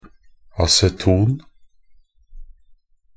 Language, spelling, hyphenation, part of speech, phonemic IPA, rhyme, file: Norwegian Bokmål, aceton, a‧ce‧ton, noun, /asɛˈtuːn/, -uːn, Nb-aceton.ogg
- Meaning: acetone (a colourless, volatile, flammable liquid ketone, (CH₃)₂CO, used as a solvent)